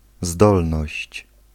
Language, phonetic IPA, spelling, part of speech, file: Polish, [ˈzdɔlnɔɕt͡ɕ], zdolność, noun, Pl-zdolność.ogg